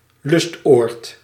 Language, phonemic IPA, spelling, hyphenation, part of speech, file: Dutch, /ˈlʏst.oːrt/, lustoord, lust‧oord, noun, Nl-lustoord.ogg
- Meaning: retreat, resort (place where one goes for recreation or solitude)